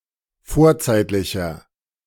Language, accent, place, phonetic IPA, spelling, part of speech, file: German, Germany, Berlin, [ˈfoːɐ̯ˌt͡saɪ̯tlɪçɐ], vorzeitlicher, adjective, De-vorzeitlicher.ogg
- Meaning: inflection of vorzeitlich: 1. strong/mixed nominative masculine singular 2. strong genitive/dative feminine singular 3. strong genitive plural